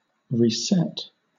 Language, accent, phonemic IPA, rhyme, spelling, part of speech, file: English, Southern England, /ɹiːˈsɛt/, -ɛt, reset, verb, LL-Q1860 (eng)-reset.wav
- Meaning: 1. To set back to the initial state 2. To set to zero 3. To adjust; to set or position differently